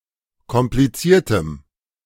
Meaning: strong dative masculine/neuter singular of kompliziert
- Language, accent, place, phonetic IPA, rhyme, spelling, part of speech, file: German, Germany, Berlin, [kɔmpliˈt͡siːɐ̯təm], -iːɐ̯təm, kompliziertem, adjective, De-kompliziertem.ogg